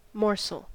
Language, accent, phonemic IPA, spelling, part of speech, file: English, US, /ˈmɔɹsəl/, morsel, noun / verb, En-us-morsel.ogg
- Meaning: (noun) 1. A small fragment or share of something, commonly applied to food 2. A mouthful of food 3. A very small amount; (verb) 1. To divide into small pieces 2. To feed with small pieces of food